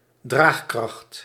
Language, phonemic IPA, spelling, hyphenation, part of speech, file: Dutch, /ˈdraːx.krɑxt/, draagkracht, draag‧kracht, noun, Nl-draagkracht.ogg
- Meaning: carrying capacity